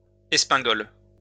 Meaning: blunderbuss (weapon)
- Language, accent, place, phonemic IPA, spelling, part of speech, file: French, France, Lyon, /ɛs.pɛ̃.ɡɔl/, espingole, noun, LL-Q150 (fra)-espingole.wav